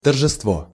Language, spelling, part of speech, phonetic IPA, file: Russian, торжество, noun, [tərʐɨstˈvo], Ru-торжество.ogg
- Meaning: 1. festival, celebration, festivity 2. triumph, victory